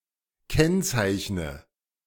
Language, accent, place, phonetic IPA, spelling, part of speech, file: German, Germany, Berlin, [ˈkɛnt͡saɪ̯çnə], kennzeichne, verb, De-kennzeichne.ogg
- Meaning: inflection of kennzeichnen: 1. first-person singular present 2. first/third-person singular subjunctive I 3. singular imperative